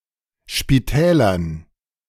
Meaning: dative plural of Spital
- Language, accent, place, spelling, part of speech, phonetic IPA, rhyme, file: German, Germany, Berlin, Spitälern, noun, [ʃpiˈtɛːlɐn], -ɛːlɐn, De-Spitälern.ogg